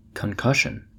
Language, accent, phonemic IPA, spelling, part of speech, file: English, US, /kəŋkˈəʃɪn/, concussion, noun, En-us-concussion.ogg
- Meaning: 1. A violent collision or shock 2. An injury to part of the body, most especially the brain, caused by a violent blow, followed by loss of function